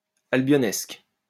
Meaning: British, English
- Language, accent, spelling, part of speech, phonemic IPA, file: French, France, albionesque, adjective, /al.bjɔ.nɛsk/, LL-Q150 (fra)-albionesque.wav